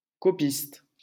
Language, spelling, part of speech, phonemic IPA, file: French, copiste, noun, /kɔ.pist/, LL-Q150 (fra)-copiste.wav
- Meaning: 1. copyist, transcriber 2. amanuensis